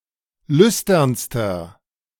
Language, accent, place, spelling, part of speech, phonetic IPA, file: German, Germany, Berlin, lüsternster, adjective, [ˈlʏstɐnstɐ], De-lüsternster.ogg
- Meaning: inflection of lüstern: 1. strong/mixed nominative masculine singular superlative degree 2. strong genitive/dative feminine singular superlative degree 3. strong genitive plural superlative degree